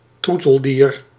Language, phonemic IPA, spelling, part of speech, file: Dutch, /ˈtru.təl.diːr/, troeteldier, noun, Nl-troeteldier.ogg
- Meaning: favourite animal, with the implication it gets spoiled